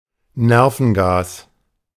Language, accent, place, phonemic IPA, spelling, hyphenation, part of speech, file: German, Germany, Berlin, /ˈnɛʁfn̩ɡaːs/, Nervengas, Ner‧ven‧gas, noun, De-Nervengas.ogg
- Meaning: nerve gas